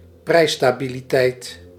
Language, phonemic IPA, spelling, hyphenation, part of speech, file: Dutch, /ˈprɛi̯(s).staː.bi.liˌtɛi̯t/, prijsstabiliteit, prijs‧sta‧bi‧li‧teit, noun, Nl-prijsstabiliteit.ogg
- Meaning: price stability